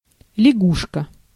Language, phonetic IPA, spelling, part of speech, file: Russian, [lʲɪˈɡuʂkə], лягушка, noun, Ru-лягушка.ogg
- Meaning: 1. frog 2. @ (at sign) (more common: соба́ка (sobáka, “dog”))